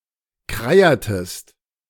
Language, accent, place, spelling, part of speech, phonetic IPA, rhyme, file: German, Germany, Berlin, kreiertest, verb, [kʁeˈiːɐ̯təst], -iːɐ̯təst, De-kreiertest.ogg
- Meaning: inflection of kreieren: 1. second-person singular preterite 2. second-person singular subjunctive II